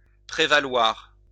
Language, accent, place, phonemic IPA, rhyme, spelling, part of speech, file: French, France, Lyon, /pʁe.va.lwaʁ/, -waʁ, prévaloir, verb, LL-Q150 (fra)-prévaloir.wav
- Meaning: 1. to prevail 2. to boast, to claim, to pride oneself on 3. to take advantage of